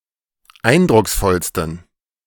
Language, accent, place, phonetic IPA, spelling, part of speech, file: German, Germany, Berlin, [ˈaɪ̯ndʁʊksˌfɔlstn̩], eindrucksvollsten, adjective, De-eindrucksvollsten.ogg
- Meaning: 1. superlative degree of eindrucksvoll 2. inflection of eindrucksvoll: strong genitive masculine/neuter singular superlative degree